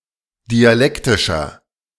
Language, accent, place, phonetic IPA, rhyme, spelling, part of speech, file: German, Germany, Berlin, [diaˈlɛktɪʃɐ], -ɛktɪʃɐ, dialektischer, adjective, De-dialektischer.ogg
- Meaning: inflection of dialektisch: 1. strong/mixed nominative masculine singular 2. strong genitive/dative feminine singular 3. strong genitive plural